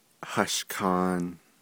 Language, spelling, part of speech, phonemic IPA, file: Navajo, hashkʼaan, noun, /hɑ̀ʃkʼɑ̀ːn/, Nv-hashkʼaan.ogg
- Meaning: 1. yucca fruit 2. fig 3. banana 4. date